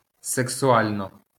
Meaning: 1. sexually 2. sexily
- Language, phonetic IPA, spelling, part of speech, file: Ukrainian, [seksʊˈalʲnɔ], сексуально, adverb, LL-Q8798 (ukr)-сексуально.wav